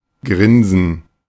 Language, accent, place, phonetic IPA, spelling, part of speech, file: German, Germany, Berlin, [ˈɡʁɪn.zn̩], grinsen, verb, De-grinsen.ogg
- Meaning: to grin